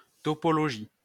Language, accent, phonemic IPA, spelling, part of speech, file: French, France, /tɔ.pɔ.lɔ.ʒi/, topologie, noun, LL-Q150 (fra)-topologie.wav
- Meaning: topology